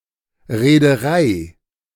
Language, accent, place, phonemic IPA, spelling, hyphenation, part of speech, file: German, Germany, Berlin, /ʁeːdəˈʁaɪ̯/, Reederei, Ree‧de‧rei, noun, De-Reederei.ogg
- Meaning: shipping company